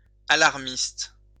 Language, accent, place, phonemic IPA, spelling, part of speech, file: French, France, Lyon, /a.laʁ.mist/, alarmiste, noun / adjective, LL-Q150 (fra)-alarmiste.wav
- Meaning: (noun) alarmist